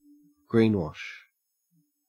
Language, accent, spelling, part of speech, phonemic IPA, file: English, Australia, greenwash, noun / verb, /ˈɡɹiːnwɒʃ/, En-au-greenwash.ogg
- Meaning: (noun) A false or misleading picture of environmental friendliness used to conceal or obscure damaging activities